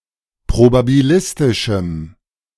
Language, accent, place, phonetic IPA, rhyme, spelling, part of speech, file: German, Germany, Berlin, [pʁobabiˈlɪstɪʃm̩], -ɪstɪʃm̩, probabilistischem, adjective, De-probabilistischem.ogg
- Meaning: strong dative masculine/neuter singular of probabilistisch